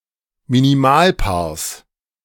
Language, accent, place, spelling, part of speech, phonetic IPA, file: German, Germany, Berlin, Minimalpaars, noun, [miniˈmaːlˌpaːɐ̯s], De-Minimalpaars.ogg
- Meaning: genitive singular of Minimalpaar